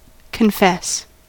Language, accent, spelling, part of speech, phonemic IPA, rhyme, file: English, US, confess, verb, /kənˈfɛs/, -ɛs, En-us-confess.ogg
- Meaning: 1. To admit to the truth, particularly in the context of sins or crimes committed 2. To acknowledge faith in; to profess belief in